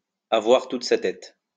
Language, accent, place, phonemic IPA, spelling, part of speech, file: French, France, Lyon, /a.vwaʁ tut sa tɛt/, avoir toute sa tête, verb, LL-Q150 (fra)-avoir toute sa tête.wav
- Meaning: to have one's wits about one, to have all one's marbles, to be all there